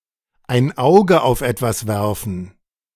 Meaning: to keep an eye on something
- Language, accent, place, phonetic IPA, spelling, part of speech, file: German, Germany, Berlin, [aɪ̯n ˈaʊ̯ɡə aʊ̯f ˈɛtvas vɛʁfn̩], ein Auge auf etwas werfen, verb, De-ein Auge auf etwas werfen.ogg